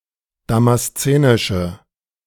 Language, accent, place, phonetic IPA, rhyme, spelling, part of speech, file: German, Germany, Berlin, [ˌdamasˈt͡seːnɪʃə], -eːnɪʃə, damaszenische, adjective, De-damaszenische.ogg
- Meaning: inflection of damaszenisch: 1. strong/mixed nominative/accusative feminine singular 2. strong nominative/accusative plural 3. weak nominative all-gender singular